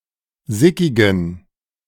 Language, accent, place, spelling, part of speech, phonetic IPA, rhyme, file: German, Germany, Berlin, sickigen, adjective, [ˈzɪkɪɡn̩], -ɪkɪɡn̩, De-sickigen.ogg
- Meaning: inflection of sickig: 1. strong genitive masculine/neuter singular 2. weak/mixed genitive/dative all-gender singular 3. strong/weak/mixed accusative masculine singular 4. strong dative plural